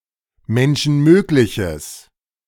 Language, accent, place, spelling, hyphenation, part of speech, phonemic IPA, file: German, Germany, Berlin, Menschenmögliches, Men‧schen‧mög‧li‧ches, noun, /ˌmɛnʃn̩ˈmøːklɪçəs/, De-Menschenmögliches.ogg
- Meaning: what is humanly possible